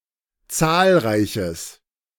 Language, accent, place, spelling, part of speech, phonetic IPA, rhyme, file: German, Germany, Berlin, zahlreiches, adjective, [ˈt͡saːlˌʁaɪ̯çəs], -aːlʁaɪ̯çəs, De-zahlreiches.ogg
- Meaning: strong/mixed nominative/accusative neuter singular of zahlreich